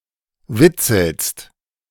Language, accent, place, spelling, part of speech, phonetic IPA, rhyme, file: German, Germany, Berlin, witzelst, verb, [ˈvɪt͡sl̩st], -ɪt͡sl̩st, De-witzelst.ogg
- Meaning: second-person singular present of witzeln